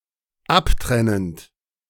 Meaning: present participle of abtrennen
- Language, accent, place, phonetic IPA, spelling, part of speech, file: German, Germany, Berlin, [ˈapˌtʁɛnənt], abtrennend, verb, De-abtrennend.ogg